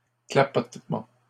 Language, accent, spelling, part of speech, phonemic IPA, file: French, Canada, clapotements, noun, /kla.pɔt.mɑ̃/, LL-Q150 (fra)-clapotements.wav
- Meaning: plural of clapotement